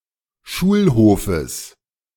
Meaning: genitive singular of Schulhof
- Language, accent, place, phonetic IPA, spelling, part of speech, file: German, Germany, Berlin, [ˈʃuːlˌhoːfəs], Schulhofes, noun, De-Schulhofes.ogg